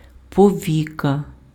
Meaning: eyelid
- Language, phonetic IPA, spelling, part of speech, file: Ukrainian, [pɔˈʋʲikɐ], повіка, noun, Uk-повіка.ogg